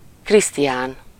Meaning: 1. a male given name, equivalent to English Christian 2. a surname transferred from the given name
- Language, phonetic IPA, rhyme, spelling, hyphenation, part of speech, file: Hungarian, [ˈkristijaːn], -aːn, Krisztián, Krisz‧ti‧án, proper noun, Hu-Krisztián.ogg